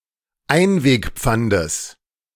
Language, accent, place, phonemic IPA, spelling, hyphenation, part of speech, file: German, Germany, Berlin, /ˈaɪ̯nveːkˌp͡fandəs/, Einwegpfandes, Ein‧weg‧pfan‧des, noun, De-Einwegpfandes.ogg
- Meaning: genitive singular of Einwegpfand